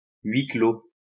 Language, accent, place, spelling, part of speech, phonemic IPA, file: French, France, Lyon, huis clos, noun, /ɥi klo/, LL-Q150 (fra)-huis clos.wav
- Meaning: 1. closed door 2. an enclosed space such as a room or cell 3. a work of fiction (film, novel, etc.) in which the action is set in an enclosed space